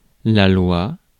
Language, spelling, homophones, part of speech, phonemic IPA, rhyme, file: French, loi, loua / louas, noun, /lwa/, -a, Fr-loi.ogg
- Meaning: 1. law (legal code) 2. law (scientific principle)